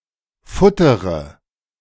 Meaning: inflection of futtern: 1. first-person singular present 2. first-person plural subjunctive I 3. third-person singular subjunctive I 4. singular imperative
- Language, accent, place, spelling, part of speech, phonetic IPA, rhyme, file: German, Germany, Berlin, futtere, verb, [ˈfʊtəʁə], -ʊtəʁə, De-futtere.ogg